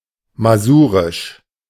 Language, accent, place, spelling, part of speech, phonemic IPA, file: German, Germany, Berlin, masurisch, adjective, /maˈzuːʁɪʃ/, De-masurisch.ogg
- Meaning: Masurian